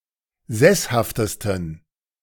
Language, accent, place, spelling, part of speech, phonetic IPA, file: German, Germany, Berlin, sesshaftesten, adjective, [ˈzɛshaftəstn̩], De-sesshaftesten.ogg
- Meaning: 1. superlative degree of sesshaft 2. inflection of sesshaft: strong genitive masculine/neuter singular superlative degree